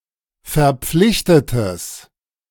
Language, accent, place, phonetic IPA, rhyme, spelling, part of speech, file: German, Germany, Berlin, [fɛɐ̯ˈp͡flɪçtətəs], -ɪçtətəs, verpflichtetes, adjective, De-verpflichtetes.ogg
- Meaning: strong/mixed nominative/accusative neuter singular of verpflichtet